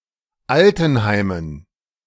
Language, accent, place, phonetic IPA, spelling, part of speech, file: German, Germany, Berlin, [ˈaltn̩ˌhaɪ̯mən], Altenheimen, noun, De-Altenheimen.ogg
- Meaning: dative plural of Altenheim